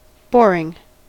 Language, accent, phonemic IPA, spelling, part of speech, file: English, US, /ˈboɹ.ɪŋ/, boring, noun / verb / adjective, En-us-boring.ogg
- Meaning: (noun) The act or process of boring holes; such practice as an area of expertise in manufacturing